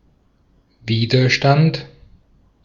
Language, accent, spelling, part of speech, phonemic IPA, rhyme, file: German, Austria, Widerstand, noun, /ˈviːdɐˌʃtant/, -ant, De-at-Widerstand.ogg
- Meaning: 1. resistance (act of resisting, or the capacity to resist) 2. resistance (physics: force that tends to oppose motion) 3. resistance (physics: opposition of a body to the flow of current)